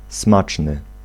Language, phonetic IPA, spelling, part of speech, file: Polish, [ˈsmat͡ʃnɨ], smaczny, adjective, Pl-smaczny.ogg